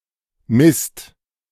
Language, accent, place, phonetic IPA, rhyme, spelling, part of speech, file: German, Germany, Berlin, [mɪst], -ɪst, misst, verb, De-misst.ogg
- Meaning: 1. second/third-person singular present of messen 2. inflection of missen: second/third-person singular present 3. inflection of missen: second-person plural present